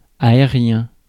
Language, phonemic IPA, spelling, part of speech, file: French, /a.e.ʁjɛ̃/, aérien, adjective, Fr-aérien.ogg
- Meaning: air; aerial